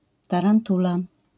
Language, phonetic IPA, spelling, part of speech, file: Polish, [ˌtarãnˈtula], tarantula, noun, LL-Q809 (pol)-tarantula.wav